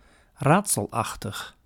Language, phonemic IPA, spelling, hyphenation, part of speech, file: Dutch, /raːt.səlˈɑx.təx/, raadselachtig, raad‧sel‧ach‧tig, adjective, Nl-raadselachtig.ogg
- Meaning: puzzling, mysterious